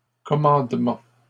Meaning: plural of commandement
- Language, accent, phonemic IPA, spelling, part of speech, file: French, Canada, /kɔ.mɑ̃d.mɑ̃/, commandements, noun, LL-Q150 (fra)-commandements.wav